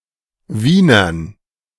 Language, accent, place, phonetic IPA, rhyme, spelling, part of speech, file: German, Germany, Berlin, [ˈviːnɐn], -iːnɐn, Wienern, noun, De-Wienern.ogg
- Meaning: 1. dative plural of Wiener 2. gerund of wienern